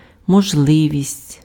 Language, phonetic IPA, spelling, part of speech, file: Ukrainian, [mɔʒˈɫɪʋʲisʲtʲ], можливість, noun, Uk-можливість.ogg
- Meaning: 1. possibility 2. opportunity, chance